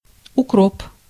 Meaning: 1. dill (Anethum graveolens) 2. fennel (Foeniculum vulgare) 3. dropwort (Oenanthe aquatica, syn Oenanthe phellandrium) 4. rock samphire (Crithmum maritimum) 5. mayweed (Anthemis cotula) 6. sulphurweed
- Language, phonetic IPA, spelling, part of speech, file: Russian, [ʊˈkrop], укроп, noun, Ru-укроп.ogg